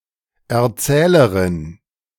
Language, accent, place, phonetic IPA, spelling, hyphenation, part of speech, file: German, Germany, Berlin, [ʔɛɐ̯ˈtsɛːlɐʁɪn], Erzählerin, Er‧zäh‧le‧rin, noun, De-Erzählerin.ogg
- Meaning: female equivalent of Erzähler: (female) narrator